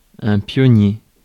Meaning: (noun) 1. pioneer, soldier employed to form roads, dig trenches, and make bridges, as an army advances 2. pioneer, one who goes before, as into the wilderness, preparing the way for others to follow
- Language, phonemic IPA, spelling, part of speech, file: French, /pjɔ.nje/, pionnier, noun / adjective, Fr-pionnier.ogg